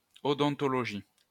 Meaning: odontology
- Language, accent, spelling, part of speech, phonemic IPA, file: French, France, odontologie, noun, /ɔ.dɔ̃.tɔ.lɔ.ʒi/, LL-Q150 (fra)-odontologie.wav